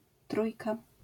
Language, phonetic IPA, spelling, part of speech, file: Polish, [ˈtrujka], trójka, noun, LL-Q809 (pol)-trójka.wav